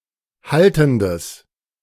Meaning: strong/mixed nominative/accusative neuter singular of haltend
- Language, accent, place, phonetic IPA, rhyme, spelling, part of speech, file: German, Germany, Berlin, [ˈhaltn̩dəs], -altn̩dəs, haltendes, adjective, De-haltendes.ogg